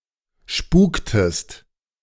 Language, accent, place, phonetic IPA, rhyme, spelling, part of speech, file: German, Germany, Berlin, [ˈʃpuːktəst], -uːktəst, spuktest, verb, De-spuktest.ogg
- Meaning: inflection of spuken: 1. second-person singular preterite 2. second-person singular subjunctive II